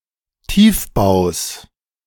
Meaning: genitive singular of Tiefbau
- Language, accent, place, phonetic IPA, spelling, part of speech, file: German, Germany, Berlin, [ˈtiːfˌbaʊ̯s], Tiefbaus, noun, De-Tiefbaus.ogg